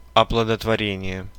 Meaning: insemination, fertilization (act of making pregnant)
- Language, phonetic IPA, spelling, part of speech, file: Russian, [ɐpɫədətvɐˈrʲenʲɪje], оплодотворение, noun, Ru-оплодотворение.ogg